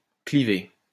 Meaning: to cleave (split)
- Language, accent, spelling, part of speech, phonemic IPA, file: French, France, cliver, verb, /kli.ve/, LL-Q150 (fra)-cliver.wav